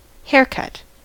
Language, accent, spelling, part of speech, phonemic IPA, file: English, US, haircut, noun / verb, /ˈhɛə(ɹ)kʌt/, En-us-haircut.ogg
- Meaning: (noun) 1. The act of cutting of the hair, often done professionally by a barber, hair stylist, or beautician 2. The style into which the hair is cut